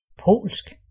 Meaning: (adjective) Polish (of, from or native to Poland, or relating to the Polish language); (noun) Polish (the language)
- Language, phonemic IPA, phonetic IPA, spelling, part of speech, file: Danish, /poːlsk/, [ˈpʰoːˀlsɡ̊], polsk, adjective / noun, Da-polsk.ogg